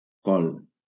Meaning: 1. cabbage 2. wild cardoon (used as a coagulating agent in cheesemaking)
- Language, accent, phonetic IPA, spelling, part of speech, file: Catalan, Valencia, [ˈkɔl], col, noun, LL-Q7026 (cat)-col.wav